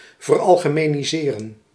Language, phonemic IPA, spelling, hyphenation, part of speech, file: Dutch, /vərˌɑl.ɣə.meː.niˈzeː.rə(n)/, veralgemeniseren, ver‧al‧ge‧me‧ni‧se‧ren, verb, Nl-veralgemeniseren.ogg
- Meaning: to generalise